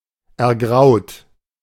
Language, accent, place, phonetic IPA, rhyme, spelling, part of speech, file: German, Germany, Berlin, [ɛɐ̯ˈɡʁaʊ̯t], -aʊ̯t, ergraut, verb, De-ergraut.ogg
- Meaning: 1. past participle of ergrauen 2. inflection of ergrauen: second-person plural present 3. inflection of ergrauen: third-person singular present 4. inflection of ergrauen: plural imperative